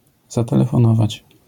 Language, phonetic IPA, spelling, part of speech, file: Polish, [ˌzatɛlɛfɔ̃ˈnɔvat͡ɕ], zatelefonować, verb, LL-Q809 (pol)-zatelefonować.wav